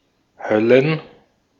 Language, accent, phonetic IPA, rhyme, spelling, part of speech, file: German, Austria, [ˈhœlən], -œlən, Höllen, noun, De-at-Höllen.ogg
- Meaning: plural of Hölle